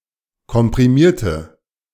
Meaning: inflection of komprimieren: 1. first/third-person singular preterite 2. first/third-person singular subjunctive II
- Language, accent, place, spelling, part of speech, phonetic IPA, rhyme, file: German, Germany, Berlin, komprimierte, adjective / verb, [kɔmpʁiˈmiːɐ̯tə], -iːɐ̯tə, De-komprimierte.ogg